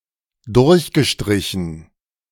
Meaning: past participle of durchstreichen
- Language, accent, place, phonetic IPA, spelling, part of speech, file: German, Germany, Berlin, [ˈdʊʁçɡəˌʃtʁɪçn̩], durchgestrichen, verb, De-durchgestrichen.ogg